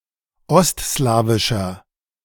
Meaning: inflection of ostslawisch: 1. strong/mixed nominative masculine singular 2. strong genitive/dative feminine singular 3. strong genitive plural
- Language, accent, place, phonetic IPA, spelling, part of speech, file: German, Germany, Berlin, [ˈɔstˌslaːvɪʃɐ], ostslawischer, adjective, De-ostslawischer.ogg